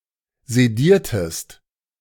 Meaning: inflection of sedieren: 1. second-person singular preterite 2. second-person singular subjunctive II
- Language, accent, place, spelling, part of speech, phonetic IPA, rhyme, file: German, Germany, Berlin, sediertest, verb, [zeˈdiːɐ̯təst], -iːɐ̯təst, De-sediertest.ogg